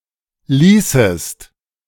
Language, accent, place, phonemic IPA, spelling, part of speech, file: German, Germany, Berlin, /ˈliːsəst/, ließest, verb, De-ließest.ogg
- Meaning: 1. second-person singular preterite of lassen 2. second-person singular subjunctive II of lassen